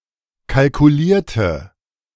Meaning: inflection of kalkulieren: 1. first/third-person singular preterite 2. first/third-person singular subjunctive II
- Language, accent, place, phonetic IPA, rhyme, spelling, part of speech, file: German, Germany, Berlin, [kalkuˈliːɐ̯tə], -iːɐ̯tə, kalkulierte, adjective / verb, De-kalkulierte.ogg